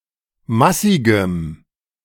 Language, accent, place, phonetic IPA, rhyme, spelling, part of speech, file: German, Germany, Berlin, [ˈmasɪɡəm], -asɪɡəm, massigem, adjective, De-massigem.ogg
- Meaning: strong dative masculine/neuter singular of massig